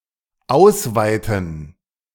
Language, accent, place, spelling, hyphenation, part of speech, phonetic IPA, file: German, Germany, Berlin, ausweiten, aus‧wei‧ten, verb, [ˈaʊsˌvaɪtn̩], De-ausweiten.ogg
- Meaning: 1. to expand, to widen, to extend, to stretch 2. to escalate, to broaden